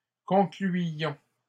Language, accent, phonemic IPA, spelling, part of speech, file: French, Canada, /kɔ̃.kly.jɔ̃/, concluions, verb, LL-Q150 (fra)-concluions.wav
- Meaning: inflection of conclure: 1. first-person plural imperfect indicative 2. first-person plural present subjunctive